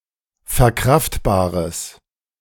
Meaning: strong/mixed nominative/accusative neuter singular of verkraftbar
- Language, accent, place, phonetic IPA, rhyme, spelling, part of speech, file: German, Germany, Berlin, [fɛɐ̯ˈkʁaftbaːʁəs], -aftbaːʁəs, verkraftbares, adjective, De-verkraftbares.ogg